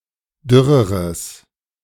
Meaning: strong/mixed nominative/accusative neuter singular comparative degree of dürr
- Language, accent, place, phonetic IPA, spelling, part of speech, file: German, Germany, Berlin, [ˈdʏʁəʁəs], dürreres, adjective, De-dürreres.ogg